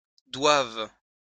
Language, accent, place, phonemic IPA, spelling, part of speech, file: French, France, Lyon, /dwav/, doive, verb, LL-Q150 (fra)-doive.wav
- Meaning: first/third-person singular present subjunctive of devoir